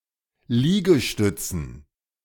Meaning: 1. dative plural of Liegestütz 2. plural of Liegestütze
- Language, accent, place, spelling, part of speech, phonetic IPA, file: German, Germany, Berlin, Liegestützen, noun, [ˈliːɡəˌʃtʏt͡sn̩], De-Liegestützen.ogg